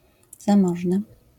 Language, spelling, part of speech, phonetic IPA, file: Polish, zamożny, adjective, [zãˈmɔʒnɨ], LL-Q809 (pol)-zamożny.wav